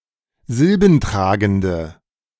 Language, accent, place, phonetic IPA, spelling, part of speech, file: German, Germany, Berlin, [ˈzɪlbn̩ˌtʁaːɡn̩də], silbentragende, adjective, De-silbentragende.ogg
- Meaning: inflection of silbentragend: 1. strong/mixed nominative/accusative feminine singular 2. strong nominative/accusative plural 3. weak nominative all-gender singular